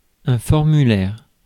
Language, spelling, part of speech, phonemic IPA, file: French, formulaire, noun, /fɔʁ.my.lɛʁ/, Fr-formulaire.ogg
- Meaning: form (document to be filled in)